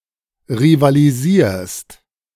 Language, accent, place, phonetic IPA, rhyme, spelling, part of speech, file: German, Germany, Berlin, [ʁivaliˈziːɐ̯st], -iːɐ̯st, rivalisierst, verb, De-rivalisierst.ogg
- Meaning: second-person singular present of rivalisieren